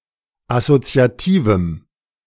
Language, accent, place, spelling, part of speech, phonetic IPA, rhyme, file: German, Germany, Berlin, assoziativem, adjective, [asot͡si̯aˈtiːvm̩], -iːvm̩, De-assoziativem.ogg
- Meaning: strong dative masculine/neuter singular of assoziativ